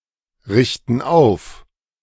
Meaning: inflection of aufrichten: 1. first/third-person plural present 2. first/third-person plural subjunctive I
- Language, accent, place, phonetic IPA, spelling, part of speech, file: German, Germany, Berlin, [ˌʁɪçtn̩ ˈaʊ̯f], richten auf, verb, De-richten auf.ogg